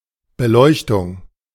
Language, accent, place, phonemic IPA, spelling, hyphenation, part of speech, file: German, Germany, Berlin, /bəˈlɔɪ̯çtʊŋ/, Beleuchtung, Be‧leuch‧tung, noun, De-Beleuchtung.ogg
- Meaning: lighting, illumination